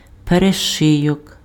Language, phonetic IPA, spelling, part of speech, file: Ukrainian, [pereˈʃɪjɔk], перешийок, noun, Uk-перешийок.ogg
- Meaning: isthmus